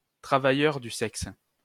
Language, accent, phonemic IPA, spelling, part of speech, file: French, France, /tʁa.va.jœʁ dy sɛks/, travailleur du sexe, noun, LL-Q150 (fra)-travailleur du sexe.wav
- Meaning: sex worker